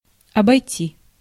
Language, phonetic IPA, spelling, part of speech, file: Russian, [ɐbɐjˈtʲi], обойти, verb, Ru-обойти.ogg
- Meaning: 1. to go around, to bypass (to pass by going around) 2. to walk through, to wander around, to go around, to tour, to go to (many places in an area)